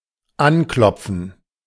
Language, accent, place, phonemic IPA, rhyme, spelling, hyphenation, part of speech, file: German, Germany, Berlin, /ˈanˌklɔp͡fn̩/, -ɔp͡fn̩, anklopfen, an‧klop‧fen, verb, De-anklopfen.ogg
- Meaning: to knock